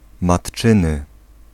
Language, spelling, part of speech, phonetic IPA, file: Polish, matczyny, adjective, [maṭˈt͡ʃɨ̃nɨ], Pl-matczyny.ogg